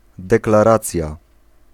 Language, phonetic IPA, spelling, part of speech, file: Polish, [ˌdɛklaˈrat͡sʲja], deklaracja, noun, Pl-deklaracja.ogg